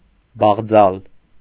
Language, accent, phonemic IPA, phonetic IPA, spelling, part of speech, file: Armenian, Eastern Armenian, /bɑʁˈd͡zɑl/, [bɑʁd͡zɑ́l], բաղձալ, verb, Hy-բաղձալ.ogg
- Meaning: to desire, to wish, to long for, to want